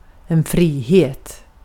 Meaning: freedom, liberty
- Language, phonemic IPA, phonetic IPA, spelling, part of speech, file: Swedish, /friːheːt/, [ˈfriːˌheə̯t], frihet, noun, Sv-frihet.ogg